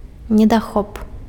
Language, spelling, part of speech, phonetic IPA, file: Belarusian, недахоп, noun, [nʲedaˈxop], Be-недахоп.ogg
- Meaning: drawback, disadvantage